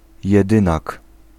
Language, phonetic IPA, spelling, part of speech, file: Polish, [jɛˈdɨ̃nak], jedynak, noun, Pl-jedynak.ogg